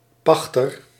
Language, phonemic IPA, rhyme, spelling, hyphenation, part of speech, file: Dutch, /ˈpɑx.tər/, -ɑxtər, pachter, pach‧ter, noun, Nl-pachter.ogg
- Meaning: leaseholder, especially a tenant farmer